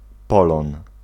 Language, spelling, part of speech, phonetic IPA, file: Polish, polon, noun, [ˈpɔlɔ̃n], Pl-polon.ogg